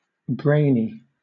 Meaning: 1. Very intellectually capable 2. Of or relating to the brain
- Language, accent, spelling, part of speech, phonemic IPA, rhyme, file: English, Southern England, brainy, adjective, /ˈbɹeɪni/, -eɪni, LL-Q1860 (eng)-brainy.wav